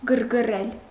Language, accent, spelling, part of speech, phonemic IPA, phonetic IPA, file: Armenian, Eastern Armenian, գրգռել, verb, /ɡəɾɡəˈrel/, [ɡəɾɡərél], Hy-գրգռել.ogg
- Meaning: 1. to excite, to stimulate 2. to irritate, to annoy 3. to intensify, to aggravate 4. to arouse (sexually) 5. to incite, to goad 6. to upset, to unnerve 7. to anger, to inflame